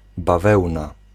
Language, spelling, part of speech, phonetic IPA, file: Polish, bawełna, noun, [baˈvɛwna], Pl-bawełna.ogg